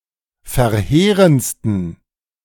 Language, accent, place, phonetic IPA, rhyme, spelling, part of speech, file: German, Germany, Berlin, [fɛɐ̯ˈheːʁənt͡stn̩], -eːʁənt͡stn̩, verheerendsten, adjective, De-verheerendsten.ogg
- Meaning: 1. superlative degree of verheerend 2. inflection of verheerend: strong genitive masculine/neuter singular superlative degree